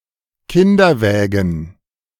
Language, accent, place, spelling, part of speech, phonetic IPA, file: German, Germany, Berlin, Kinderwägen, noun, [ˈkɪndɐˌvɛːɡn̩], De-Kinderwägen.ogg
- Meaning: plural of Kinderwagen